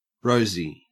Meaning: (adjective) 1. Rose-coloured 2. Of any reddish hue from bright pink to the color of ruddy cheeks in a light-skinned person 3. Otherwise resembling a rose, as for example in scent of perfume
- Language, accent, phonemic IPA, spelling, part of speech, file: English, Australia, /ˈɹəʉzi/, rosy, adjective / verb / noun, En-au-rosy.ogg